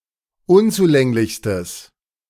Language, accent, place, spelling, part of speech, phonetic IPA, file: German, Germany, Berlin, unzulänglichstes, adjective, [ˈʊnt͡suˌlɛŋlɪçstəs], De-unzulänglichstes.ogg
- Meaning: strong/mixed nominative/accusative neuter singular superlative degree of unzulänglich